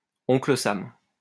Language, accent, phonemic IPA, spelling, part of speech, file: French, France, /ɔ̃.klə sam/, Oncle Sam, proper noun, LL-Q150 (fra)-Oncle Sam.wav
- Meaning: Uncle Sam